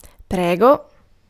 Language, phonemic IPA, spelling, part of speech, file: Italian, /ˈprɛɡo/, prego, interjection / noun / verb, It-prego.ogg